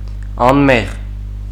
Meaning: innocent, guiltless
- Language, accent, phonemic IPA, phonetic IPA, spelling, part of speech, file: Armenian, Eastern Armenian, /ɑnˈmeʁ/, [ɑnméʁ], անմեղ, adjective, Hy-անմեղ.ogg